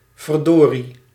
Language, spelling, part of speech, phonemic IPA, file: Dutch, verdorie, interjection, /vərˈdori/, Nl-verdorie.ogg
- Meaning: darn it, blast, rats